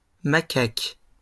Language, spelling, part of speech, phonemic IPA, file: French, macaques, noun, /ma.kak/, LL-Q150 (fra)-macaques.wav
- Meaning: plural of macaque